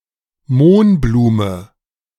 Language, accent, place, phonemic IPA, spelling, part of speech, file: German, Germany, Berlin, /ˈmoːnbluːmə/, Mohnblume, noun, De-Mohnblume.ogg
- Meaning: common poppy (Papaver rhoeas)